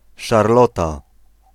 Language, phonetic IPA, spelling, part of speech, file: Polish, [ʃarˈlɔta], Szarlota, proper noun, Pl-Szarlota.ogg